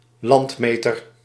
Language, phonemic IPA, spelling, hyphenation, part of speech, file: Dutch, /ˈlɑntˌmeː.tər/, landmeter, land‧me‧ter, noun, Nl-landmeter.ogg
- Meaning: a surveyor